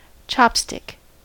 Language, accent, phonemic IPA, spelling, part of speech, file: English, US, /ˈt͡ʃɑp.stɪk/, chopstick, noun / verb, En-us-chopstick.ogg